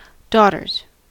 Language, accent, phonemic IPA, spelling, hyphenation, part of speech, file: English, US, /ˈdɔ.tɚz/, daughters, daugh‧ters, noun, En-us-daughters.ogg
- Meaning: plural of daughter